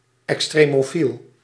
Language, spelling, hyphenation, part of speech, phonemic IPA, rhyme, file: Dutch, extremofiel, ex‧tre‧mo‧fiel, noun, /ɛkˌstreː.moːˈfil/, -il, Nl-extremofiel.ogg
- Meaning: extremophile (organism living under extreme conditions)